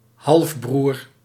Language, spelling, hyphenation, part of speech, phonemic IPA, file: Dutch, halfbroer, half‧broer, noun, /ˈɦɑlf.brur/, Nl-halfbroer.ogg
- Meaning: half brother